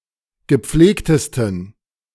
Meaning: 1. superlative degree of gepflegt 2. inflection of gepflegt: strong genitive masculine/neuter singular superlative degree
- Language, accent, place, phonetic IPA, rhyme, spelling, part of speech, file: German, Germany, Berlin, [ɡəˈp͡fleːktəstn̩], -eːktəstn̩, gepflegtesten, adjective, De-gepflegtesten.ogg